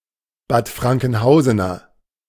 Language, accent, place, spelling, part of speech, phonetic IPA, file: German, Germany, Berlin, Bad Frankenhausener, adjective, [baːt ˌfʁaŋkn̩ˈhaʊ̯zənɐ], De-Bad Frankenhausener.ogg
- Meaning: of Bad Frankenhausen